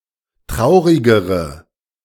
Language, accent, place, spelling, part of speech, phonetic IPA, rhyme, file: German, Germany, Berlin, traurigere, adjective, [ˈtʁaʊ̯ʁɪɡəʁə], -aʊ̯ʁɪɡəʁə, De-traurigere.ogg
- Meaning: inflection of traurig: 1. strong/mixed nominative/accusative feminine singular comparative degree 2. strong nominative/accusative plural comparative degree